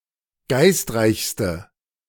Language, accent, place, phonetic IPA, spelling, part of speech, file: German, Germany, Berlin, [ˈɡaɪ̯stˌʁaɪ̯çstə], geistreichste, adjective, De-geistreichste.ogg
- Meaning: inflection of geistreich: 1. strong/mixed nominative/accusative feminine singular superlative degree 2. strong nominative/accusative plural superlative degree